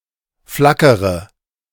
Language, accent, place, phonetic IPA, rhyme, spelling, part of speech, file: German, Germany, Berlin, [ˈflakəʁə], -akəʁə, flackere, verb, De-flackere.ogg
- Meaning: inflection of flackern: 1. first-person singular present 2. first-person plural subjunctive I 3. third-person singular subjunctive I 4. singular imperative